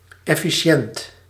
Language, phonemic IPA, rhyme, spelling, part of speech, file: Dutch, /ˌɛ.fiˈʃɛnt/, -ɛnt, efficiënt, adjective, Nl-efficiënt.ogg
- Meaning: efficient